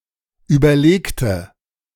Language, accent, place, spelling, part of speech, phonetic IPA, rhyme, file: German, Germany, Berlin, überlegte, adjective / verb, [ˌyːbɐˈleːktə], -eːktə, De-überlegte.ogg
- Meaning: inflection of überlegen: 1. first/third-person singular preterite 2. first/third-person singular subjunctive II